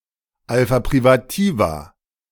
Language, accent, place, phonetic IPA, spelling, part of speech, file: German, Germany, Berlin, [ˈalfa pʁivaˈtiːva], Alpha privativa, noun, De-Alpha privativa.ogg
- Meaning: plural of Alpha privativum